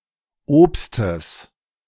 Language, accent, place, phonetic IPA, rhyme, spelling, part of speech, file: German, Germany, Berlin, [ˈoːpstəs], -oːpstəs, Obstes, noun, De-Obstes.ogg
- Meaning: genitive singular of Obst